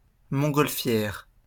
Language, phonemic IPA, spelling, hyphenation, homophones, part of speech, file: French, /mɔ̃.ɡɔl.fjɛʁ/, montgolfière, mont‧gol‧fière, montgolfières, noun, LL-Q150 (fra)-montgolfière.wav
- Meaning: hot-air balloon